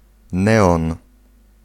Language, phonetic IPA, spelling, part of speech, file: Polish, [ˈnɛɔ̃n], neon, noun, Pl-neon.ogg